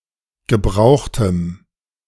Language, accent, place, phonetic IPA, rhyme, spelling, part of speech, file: German, Germany, Berlin, [ɡəˈbʁaʊ̯xtəm], -aʊ̯xtəm, gebrauchtem, adjective, De-gebrauchtem.ogg
- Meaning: strong dative masculine/neuter singular of gebraucht